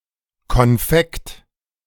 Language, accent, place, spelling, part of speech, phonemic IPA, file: German, Germany, Berlin, Konfekt, noun, /kɔnˈfɛkt/, De-Konfekt.ogg
- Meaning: confection, candy